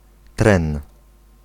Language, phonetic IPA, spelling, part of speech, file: Polish, [trɛ̃n], tren, noun, Pl-tren.ogg